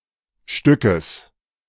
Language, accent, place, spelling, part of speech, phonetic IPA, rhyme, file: German, Germany, Berlin, Stückes, noun, [ˈʃtʏkəs], -ʏkəs, De-Stückes.ogg
- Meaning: genitive singular of Stück